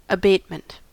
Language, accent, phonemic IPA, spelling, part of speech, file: English, US, /əˈbeɪt.mənt/, abatement, noun, En-us-abatement.ogg
- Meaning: The act of abating, or the state of being abated; a lessening, diminution, or reduction; a moderation; removal or putting an end to; the suppression